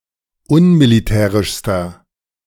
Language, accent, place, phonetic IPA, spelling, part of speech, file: German, Germany, Berlin, [ˈʊnmiliˌtɛːʁɪʃstɐ], unmilitärischster, adjective, De-unmilitärischster.ogg
- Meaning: inflection of unmilitärisch: 1. strong/mixed nominative masculine singular superlative degree 2. strong genitive/dative feminine singular superlative degree